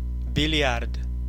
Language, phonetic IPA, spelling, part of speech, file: Russian, [bʲɪˈlʲjart], бильярд, noun, Ru-бильярд.ogg
- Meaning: billiards, pool